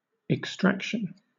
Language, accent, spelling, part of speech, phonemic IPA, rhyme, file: English, Southern England, extraction, noun, /ɪkˈstɹækʃən/, -ækʃən, LL-Q1860 (eng)-extraction.wav
- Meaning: 1. The act of extracting or the condition of being extracted 2. Something extracted, an extract, as from a plant or an organ of an animal etc 3. A person's origin or ancestry